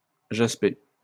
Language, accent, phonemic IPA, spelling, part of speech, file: French, France, /ʒas.pe/, jasper, verb, LL-Q150 (fra)-jasper.wav
- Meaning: to apply different colors of paint flowing together in order to make it look like jasper stone